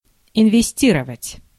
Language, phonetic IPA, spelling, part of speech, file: Russian, [ɪnvʲɪˈsʲtʲirəvətʲ], инвестировать, verb, Ru-инвестировать.ogg
- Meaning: to invest